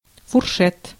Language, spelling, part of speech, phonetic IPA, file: Russian, фуршет, noun, [fʊrˈʂɛt], Ru-фуршет.ogg
- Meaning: reception with light refreshments eaten standing